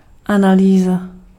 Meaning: analysis
- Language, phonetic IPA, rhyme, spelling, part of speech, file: Czech, [ˈanaliːza], -iːza, analýza, noun, Cs-analýza.ogg